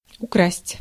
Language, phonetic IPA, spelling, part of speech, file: Russian, [ʊˈkrasʲtʲ], украсть, verb, Ru-украсть.ogg
- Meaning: to steal